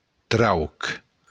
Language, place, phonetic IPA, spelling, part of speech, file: Occitan, Béarn, [trawk], trauc, noun, LL-Q14185 (oci)-trauc.wav
- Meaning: hole